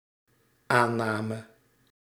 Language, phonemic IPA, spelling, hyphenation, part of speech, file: Dutch, /ˈaː(n)ˌnaː.mə/, aanname, aan‧na‧me, noun / verb, Nl-aanname.ogg
- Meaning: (noun) 1. assumption 2. premise, hypothesis 3. acceptance; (verb) singular dependent-clause past subjunctive of aannemen